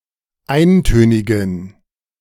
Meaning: inflection of eintönig: 1. strong genitive masculine/neuter singular 2. weak/mixed genitive/dative all-gender singular 3. strong/weak/mixed accusative masculine singular 4. strong dative plural
- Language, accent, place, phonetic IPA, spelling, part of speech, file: German, Germany, Berlin, [ˈaɪ̯nˌtøːnɪɡn̩], eintönigen, adjective, De-eintönigen.ogg